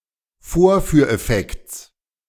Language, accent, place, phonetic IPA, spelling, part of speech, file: German, Germany, Berlin, [ˈfoːɐ̯fyːɐ̯ʔɛˌfɛkt͡s], Vorführeffekts, noun, De-Vorführeffekts.ogg
- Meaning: genitive singular of Vorführeffekt